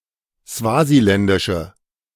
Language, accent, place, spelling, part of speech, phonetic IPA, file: German, Germany, Berlin, swasiländische, adjective, [ˈsvaːziˌlɛndɪʃə], De-swasiländische.ogg
- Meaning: inflection of swasiländisch: 1. strong/mixed nominative/accusative feminine singular 2. strong nominative/accusative plural 3. weak nominative all-gender singular